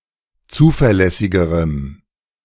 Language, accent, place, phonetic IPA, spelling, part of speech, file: German, Germany, Berlin, [ˈt͡suːfɛɐ̯ˌlɛsɪɡəʁəm], zuverlässigerem, adjective, De-zuverlässigerem.ogg
- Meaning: strong dative masculine/neuter singular comparative degree of zuverlässig